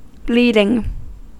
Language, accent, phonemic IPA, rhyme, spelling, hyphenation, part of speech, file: English, General American, /ˈbliːdɪŋ/, -iːdɪŋ, bleeding, bleed‧ing, verb / adjective / adverb / noun, En-us-bleeding.ogg
- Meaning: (verb) present participle and gerund of bleed; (adjective) 1. Losing blood 2. extreme, outright; bloody, blasted; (adverb) used as an intensifier: Extremely